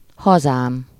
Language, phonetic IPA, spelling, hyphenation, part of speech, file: Hungarian, [ˈhɒzaːm], hazám, ha‧zám, noun, Hu-hazám.ogg
- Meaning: first-person singular single-possession possessive of haza